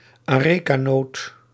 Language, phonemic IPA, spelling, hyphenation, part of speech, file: Dutch, /aːˈreː.kaːˌnoːt/, arecanoot, are‧ca‧noot, noun, Nl-arecanoot.ogg
- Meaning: areca nut, betel nut